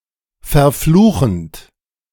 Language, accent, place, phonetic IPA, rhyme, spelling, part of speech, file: German, Germany, Berlin, [fɛɐ̯ˈfluːxn̩t], -uːxn̩t, verfluchend, verb, De-verfluchend.ogg
- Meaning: present participle of verfluchen